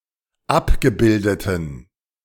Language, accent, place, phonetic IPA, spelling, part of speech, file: German, Germany, Berlin, [ˈapɡəˌbɪldətn̩], abgebildeten, adjective, De-abgebildeten.ogg
- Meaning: inflection of abgebildet: 1. strong genitive masculine/neuter singular 2. weak/mixed genitive/dative all-gender singular 3. strong/weak/mixed accusative masculine singular 4. strong dative plural